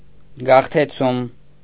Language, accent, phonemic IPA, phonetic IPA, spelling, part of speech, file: Armenian, Eastern Armenian, /ɡɑχtʰeˈt͡sʰum/, [ɡɑχtʰet͡sʰúm], գաղթեցում, noun, Hy-գաղթեցում.ogg
- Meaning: causing to resettle, causing to migrate, resettlement, migration